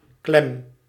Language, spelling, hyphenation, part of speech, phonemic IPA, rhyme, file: Dutch, klem, klem, noun / adjective / verb, /klɛm/, -ɛm, Nl-klem.ogg
- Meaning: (noun) clamp; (adjective) stuck; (verb) inflection of klemmen: 1. first-person singular present indicative 2. second-person singular present indicative 3. imperative